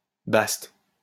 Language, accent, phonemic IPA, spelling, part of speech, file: French, France, /bast/, baste, noun, LL-Q150 (fra)-baste.wav
- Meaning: 1. ace of clubs 2. basque (clothing)